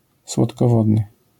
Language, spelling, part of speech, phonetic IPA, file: Polish, słodkowodny, adjective, [ˌswɔtkɔˈvɔdnɨ], LL-Q809 (pol)-słodkowodny.wav